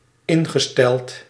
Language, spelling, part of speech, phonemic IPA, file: Dutch, ingesteld, verb / adjective, /ˈɪŋɣəˌstɛlt/, Nl-ingesteld.ogg
- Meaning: past participle of instellen